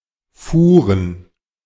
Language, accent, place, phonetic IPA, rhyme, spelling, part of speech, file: German, Germany, Berlin, [ˈfuːʁən], -uːʁən, Fuhren, proper noun / noun, De-Fuhren.ogg
- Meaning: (proper noun) a small town in Tandel, Luxembourg; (noun) plural of Fuhre